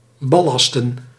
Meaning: to ballast
- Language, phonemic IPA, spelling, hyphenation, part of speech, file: Dutch, /bɑˈlɑs.tə(n)/, ballasten, bal‧las‧ten, verb, Nl-ballasten.ogg